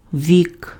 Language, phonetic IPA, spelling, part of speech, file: Ukrainian, [ʋʲik], вік, noun, Uk-вік.ogg
- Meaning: 1. century 2. age 3. lifetime 4. genitive plural of о́ко (óko, “eye”)